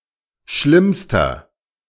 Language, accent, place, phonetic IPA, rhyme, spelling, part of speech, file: German, Germany, Berlin, [ˈʃlɪmstɐ], -ɪmstɐ, schlimmster, adjective, De-schlimmster.ogg
- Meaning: inflection of schlimm: 1. strong/mixed nominative masculine singular superlative degree 2. strong genitive/dative feminine singular superlative degree 3. strong genitive plural superlative degree